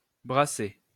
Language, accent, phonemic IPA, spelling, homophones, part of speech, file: French, France, /bʁa.se/, brasser, brassai / brassé / brassée / brassées / brassés / brassez, verb, LL-Q150 (fra)-brasser.wav
- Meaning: 1. to brew (beer) 2. to intermingle